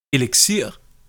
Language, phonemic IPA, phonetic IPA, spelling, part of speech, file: Danish, /eləksiːr/, [eləɡ̊ˈsiɐ̯ˀ], eliksir, noun, Da-eliksir.ogg
- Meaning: elixir, potion